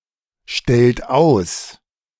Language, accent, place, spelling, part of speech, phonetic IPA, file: German, Germany, Berlin, stellt aus, verb, [ˌʃtɛlt ˈaʊ̯s], De-stellt aus.ogg
- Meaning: inflection of ausstellen: 1. third-person singular present 2. second-person plural present 3. plural imperative